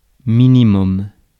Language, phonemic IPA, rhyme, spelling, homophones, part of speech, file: French, /mi.ni.mɔm/, -ɔm, minimum, minimums, noun, Fr-minimum.ogg
- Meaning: minimum